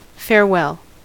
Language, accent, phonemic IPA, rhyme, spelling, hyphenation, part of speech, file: English, US, /fɛɹˈwɛl/, -ɛl, farewell, fare‧well, noun / adjective / interjection / verb, En-us-farewell.ogg
- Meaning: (noun) 1. A wish of happiness or safety at parting, especially a permanent departure 2. A departure; the act of leaving; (adjective) Parting, valedictory, final; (interjection) Goodbye